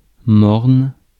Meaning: gloomy, glum, dismal, dreary
- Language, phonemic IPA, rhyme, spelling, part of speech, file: French, /mɔʁn/, -ɔʁn, morne, adjective, Fr-morne.ogg